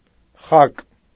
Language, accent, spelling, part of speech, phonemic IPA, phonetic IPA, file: Armenian, Eastern Armenian, խակ, adjective / adverb, /χɑk/, [χɑk], Hy-խակ.ogg
- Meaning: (adjective) 1. unripe 2. unfledged, callow, young; immature, childish, puerile 3. unsophisticated, simple, unrefined; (adverb) unsophisticatedly, simply